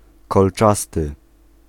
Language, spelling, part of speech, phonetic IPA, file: Polish, kolczasty, adjective, [kɔlˈt͡ʃastɨ], Pl-kolczasty.ogg